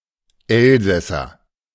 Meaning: Alsatian (person from Alsace)
- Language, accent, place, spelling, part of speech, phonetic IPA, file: German, Germany, Berlin, Elsässer, noun, [ˈɛlzɛsɐ], De-Elsässer.ogg